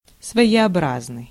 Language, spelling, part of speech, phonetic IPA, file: Russian, своеобразный, adjective, [svə(j)ɪɐˈbraznɨj], Ru-своеобразный.ogg
- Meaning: 1. original, idiosyncratic, singular, one of a kind (fresh, new, different, creative) 2. reminiscent